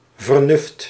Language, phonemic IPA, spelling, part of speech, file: Dutch, /vərˈnʏft/, vernuft, noun, Nl-vernuft.ogg
- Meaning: ingenuity, brilliance, intelligence